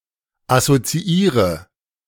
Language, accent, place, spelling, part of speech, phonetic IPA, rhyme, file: German, Germany, Berlin, assoziiere, verb, [asot͡siˈiːʁə], -iːʁə, De-assoziiere.ogg
- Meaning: inflection of assoziieren: 1. first-person singular present 2. first/third-person singular subjunctive I 3. singular imperative